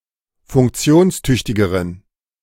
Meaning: inflection of funktionstüchtig: 1. strong genitive masculine/neuter singular comparative degree 2. weak/mixed genitive/dative all-gender singular comparative degree
- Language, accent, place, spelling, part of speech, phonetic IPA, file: German, Germany, Berlin, funktionstüchtigeren, adjective, [fʊŋkˈt͡si̯oːnsˌtʏçtɪɡəʁən], De-funktionstüchtigeren.ogg